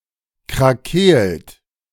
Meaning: 1. past participle of krakeelen 2. inflection of krakeelen: second-person plural present 3. inflection of krakeelen: third-person singular present 4. inflection of krakeelen: plural imperative
- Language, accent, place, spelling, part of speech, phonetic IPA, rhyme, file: German, Germany, Berlin, krakeelt, verb, [kʁaˈkeːlt], -eːlt, De-krakeelt.ogg